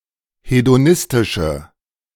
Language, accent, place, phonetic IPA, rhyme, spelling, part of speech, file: German, Germany, Berlin, [hedoˈnɪstɪʃə], -ɪstɪʃə, hedonistische, adjective, De-hedonistische.ogg
- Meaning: inflection of hedonistisch: 1. strong/mixed nominative/accusative feminine singular 2. strong nominative/accusative plural 3. weak nominative all-gender singular